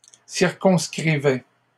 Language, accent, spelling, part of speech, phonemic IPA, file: French, Canada, circonscrivait, verb, /siʁ.kɔ̃s.kʁi.vɛ/, LL-Q150 (fra)-circonscrivait.wav
- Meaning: third-person singular imperfect indicative of circonscrire